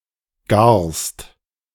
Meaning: second-person singular present of garen
- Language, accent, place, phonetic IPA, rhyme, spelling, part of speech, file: German, Germany, Berlin, [ɡaːɐ̯st], -aːɐ̯st, garst, verb, De-garst.ogg